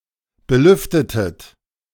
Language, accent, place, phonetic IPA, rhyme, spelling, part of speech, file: German, Germany, Berlin, [bəˈlʏftətət], -ʏftətət, belüftetet, verb, De-belüftetet.ogg
- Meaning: inflection of belüften: 1. second-person plural preterite 2. second-person plural subjunctive II